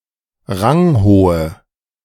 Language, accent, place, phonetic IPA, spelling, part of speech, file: German, Germany, Berlin, [ˈʁaŋˌhoːə], ranghohe, adjective, De-ranghohe.ogg
- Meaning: inflection of ranghoch: 1. strong/mixed nominative/accusative feminine singular 2. strong nominative/accusative plural 3. weak nominative all-gender singular